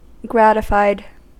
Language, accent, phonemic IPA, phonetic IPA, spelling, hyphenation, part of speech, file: English, US, /ˈɡrætɪfaɪd/, [ˈɡɹæːɾɨ.faɪːd̚], gratified, grat‧i‧fied, adjective / verb, En-us-gratified.ogg
- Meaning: simple past and past participle of gratify